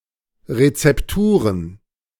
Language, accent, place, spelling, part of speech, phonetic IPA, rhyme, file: German, Germany, Berlin, Rezepturen, noun, [ʁet͡sɛpˈtuːʁən], -uːʁən, De-Rezepturen.ogg
- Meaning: plural of Rezeptur